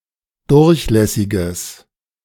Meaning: strong/mixed nominative/accusative neuter singular of durchlässig
- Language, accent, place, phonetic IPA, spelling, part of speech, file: German, Germany, Berlin, [ˈdʊʁçˌlɛsɪɡəs], durchlässiges, adjective, De-durchlässiges.ogg